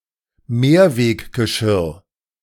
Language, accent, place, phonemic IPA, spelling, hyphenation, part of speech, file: German, Germany, Berlin, /ˈmeːɐ̯veːkɡəˌʃɪʁ/, Mehrweggeschirr, Mehr‧weg‧ge‧schirr, noun, De-Mehrweggeschirr.ogg
- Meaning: reusable dishes